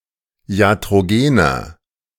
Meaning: inflection of iatrogen: 1. strong/mixed nominative masculine singular 2. strong genitive/dative feminine singular 3. strong genitive plural
- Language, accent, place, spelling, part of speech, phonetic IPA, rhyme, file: German, Germany, Berlin, iatrogener, adjective, [i̯atʁoˈɡeːnɐ], -eːnɐ, De-iatrogener.ogg